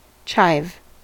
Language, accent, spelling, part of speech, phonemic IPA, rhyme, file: English, US, chive, noun / verb, /t͡ʃaɪv/, -aɪv, En-us-chive.ogg
- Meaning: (noun) 1. A perennial plant, Allium schoenoprasum, related to the onion 2. The leaves of this plant used as a herb 3. The spring onion; the green onion; the scallion 4. A piece cut off; sliver